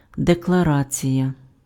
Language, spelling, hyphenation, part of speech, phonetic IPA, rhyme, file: Ukrainian, декларація, де‧кла‧ра‧ція, noun, [dekɫɐˈrat͡sʲijɐ], -at͡sʲijɐ, Uk-декларація.ogg
- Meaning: declaration